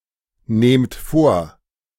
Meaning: inflection of vornehmen: 1. second-person plural present 2. plural imperative
- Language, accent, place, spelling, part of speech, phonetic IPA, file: German, Germany, Berlin, nehmt vor, verb, [ˌneːmt ˈfoːɐ̯], De-nehmt vor.ogg